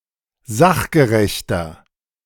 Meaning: inflection of sachgerecht: 1. strong/mixed nominative masculine singular 2. strong genitive/dative feminine singular 3. strong genitive plural
- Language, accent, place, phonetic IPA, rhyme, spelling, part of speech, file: German, Germany, Berlin, [ˈzaxɡəʁɛçtɐ], -axɡəʁɛçtɐ, sachgerechter, adjective, De-sachgerechter.ogg